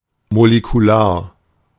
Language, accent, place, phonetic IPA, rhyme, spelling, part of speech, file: German, Germany, Berlin, [molekuˈlaːɐ̯], -aːɐ̯, molekular, adjective, De-molekular.ogg
- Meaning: molecular (relating to molecules)